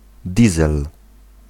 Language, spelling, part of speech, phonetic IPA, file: Polish, diesel, noun, [ˈdʲizɛl], Pl-diesel.ogg